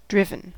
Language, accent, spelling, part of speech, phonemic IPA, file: English, US, driven, verb / adjective, /ˈdɹɪvn̩/, En-us-driven.ogg
- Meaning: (verb) past participle of drive; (adjective) 1. Obsessed; passionately motivated to achieve goals 2. Formed into snowdrifts by wind. (of snow)